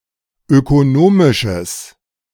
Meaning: strong/mixed nominative/accusative neuter singular of ökonomisch
- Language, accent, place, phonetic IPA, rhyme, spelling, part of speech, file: German, Germany, Berlin, [økoˈnoːmɪʃəs], -oːmɪʃəs, ökonomisches, adjective, De-ökonomisches.ogg